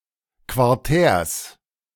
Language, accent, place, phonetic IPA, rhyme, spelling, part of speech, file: German, Germany, Berlin, [kvaʁˈtɛːɐ̯s], -ɛːɐ̯s, Quartärs, noun, De-Quartärs.ogg
- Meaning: genitive singular of Quartär